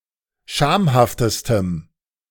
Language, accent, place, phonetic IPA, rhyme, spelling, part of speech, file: German, Germany, Berlin, [ˈʃaːmhaftəstəm], -aːmhaftəstəm, schamhaftestem, adjective, De-schamhaftestem.ogg
- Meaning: strong dative masculine/neuter singular superlative degree of schamhaft